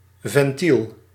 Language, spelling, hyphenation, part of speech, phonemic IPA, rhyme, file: Dutch, ventiel, ven‧tiel, noun, /vɛnˈtil/, -il, Nl-ventiel.ogg
- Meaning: valve